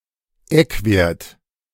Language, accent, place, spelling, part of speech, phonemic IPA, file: German, Germany, Berlin, Eckwert, noun, /ˈɛkveːɐ̯t/, De-Eckwert.ogg
- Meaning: guidance value